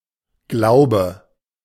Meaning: 1. belief, faith 2. faith, creed
- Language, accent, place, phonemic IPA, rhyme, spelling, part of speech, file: German, Germany, Berlin, /ˈɡlaʊ̯bə/, -aʊ̯bə, Glaube, noun, De-Glaube.ogg